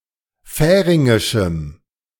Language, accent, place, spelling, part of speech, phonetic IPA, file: German, Germany, Berlin, färingischem, adjective, [ˈfɛːʁɪŋɪʃm̩], De-färingischem.ogg
- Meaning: strong dative masculine/neuter singular of färingisch